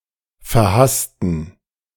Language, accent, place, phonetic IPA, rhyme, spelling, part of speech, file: German, Germany, Berlin, [fɛɐ̯ˈhastn̩], -astn̩, verhassten, adjective, De-verhassten.ogg
- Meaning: inflection of verhasst: 1. strong genitive masculine/neuter singular 2. weak/mixed genitive/dative all-gender singular 3. strong/weak/mixed accusative masculine singular 4. strong dative plural